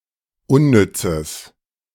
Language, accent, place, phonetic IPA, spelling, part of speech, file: German, Germany, Berlin, [ˈʊnˌnʏt͡səs], unnützes, adjective, De-unnützes.ogg
- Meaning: strong/mixed nominative/accusative neuter singular of unnütz